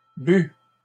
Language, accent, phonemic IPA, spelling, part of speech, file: French, Canada, /by/, bue, verb, LL-Q150 (fra)-bue.wav
- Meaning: feminine singular of bu